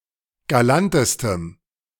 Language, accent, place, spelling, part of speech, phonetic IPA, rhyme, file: German, Germany, Berlin, galantestem, adjective, [ɡaˈlantəstəm], -antəstəm, De-galantestem.ogg
- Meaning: strong dative masculine/neuter singular superlative degree of galant